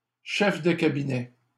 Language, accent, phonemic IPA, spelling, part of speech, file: French, Canada, /ʃɛf də ka.bi.nɛ/, chef de cabinet, noun, LL-Q150 (fra)-chef de cabinet.wav
- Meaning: chief of staff (head of political department)